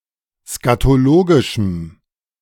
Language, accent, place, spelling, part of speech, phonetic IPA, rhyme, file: German, Germany, Berlin, skatologischem, adjective, [skatoˈloːɡɪʃm̩], -oːɡɪʃm̩, De-skatologischem.ogg
- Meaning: strong dative masculine/neuter singular of skatologisch